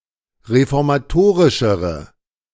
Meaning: inflection of reformatorisch: 1. strong/mixed nominative/accusative feminine singular comparative degree 2. strong nominative/accusative plural comparative degree
- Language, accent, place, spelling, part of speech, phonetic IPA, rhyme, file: German, Germany, Berlin, reformatorischere, adjective, [ʁefɔʁmaˈtoːʁɪʃəʁə], -oːʁɪʃəʁə, De-reformatorischere.ogg